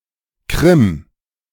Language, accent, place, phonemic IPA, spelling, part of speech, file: German, Germany, Berlin, /kʁɪm/, Krim, proper noun, De-Krim.ogg